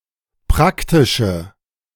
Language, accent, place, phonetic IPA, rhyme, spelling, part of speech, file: German, Germany, Berlin, [ˈpʁaktɪʃə], -aktɪʃə, praktische, adjective, De-praktische.ogg
- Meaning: inflection of praktisch: 1. strong/mixed nominative/accusative feminine singular 2. strong nominative/accusative plural 3. weak nominative all-gender singular